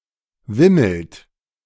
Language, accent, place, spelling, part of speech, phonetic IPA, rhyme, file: German, Germany, Berlin, wimmelt, verb, [ˈvɪml̩t], -ɪml̩t, De-wimmelt.ogg
- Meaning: inflection of wimmeln: 1. second-person plural present 2. third-person singular present 3. plural imperative